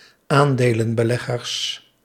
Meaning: plural of aandelenbelegger
- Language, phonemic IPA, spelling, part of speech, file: Dutch, /ˈandelə(n)bəˌlɛɣərs/, aandelenbeleggers, noun, Nl-aandelenbeleggers.ogg